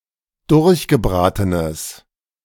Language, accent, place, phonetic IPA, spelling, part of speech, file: German, Germany, Berlin, [ˈdʊʁçɡəˌbʁaːtənəs], durchgebratenes, adjective, De-durchgebratenes.ogg
- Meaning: strong/mixed nominative/accusative neuter singular of durchgebraten